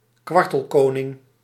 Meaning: corncrake (Crex crex)
- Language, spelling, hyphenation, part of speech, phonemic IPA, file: Dutch, kwartelkoning, kwar‧tel‧ko‧ning, noun, /ˈkʋɑr.təl.koː.nɪŋ/, Nl-kwartelkoning.ogg